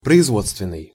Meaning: manufacturing, industrial
- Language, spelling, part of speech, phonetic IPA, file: Russian, производственный, adjective, [prəɪzˈvot͡stvʲɪn(ː)ɨj], Ru-производственный.ogg